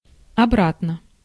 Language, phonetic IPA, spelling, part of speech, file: Russian, [ɐˈbratnə], обратно, adverb / adjective, Ru-обратно.ogg
- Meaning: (adverb) 1. back, backwards 2. conversely, inversely 3. again; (adjective) short neuter singular of обра́тный (obrátnyj)